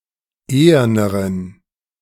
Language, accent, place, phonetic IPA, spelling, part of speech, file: German, Germany, Berlin, [ˈeːɐnəʁən], eherneren, adjective, De-eherneren.ogg
- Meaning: inflection of ehern: 1. strong genitive masculine/neuter singular comparative degree 2. weak/mixed genitive/dative all-gender singular comparative degree